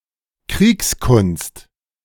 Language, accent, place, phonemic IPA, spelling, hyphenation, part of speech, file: German, Germany, Berlin, /ˈkʁiːksˌkʊnst/, Kriegskunst, Kriegs‧kunst, noun, De-Kriegskunst.ogg
- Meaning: 1. warfare, strategy 2. art of war